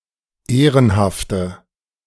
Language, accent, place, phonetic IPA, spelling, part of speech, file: German, Germany, Berlin, [ˈeːʁənhaftə], ehrenhafte, adjective, De-ehrenhafte.ogg
- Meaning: inflection of ehrenhaft: 1. strong/mixed nominative/accusative feminine singular 2. strong nominative/accusative plural 3. weak nominative all-gender singular